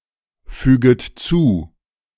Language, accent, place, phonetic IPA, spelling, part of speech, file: German, Germany, Berlin, [ˌfyːɡət ˈt͡suː], füget zu, verb, De-füget zu.ogg
- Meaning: second-person plural subjunctive I of zufügen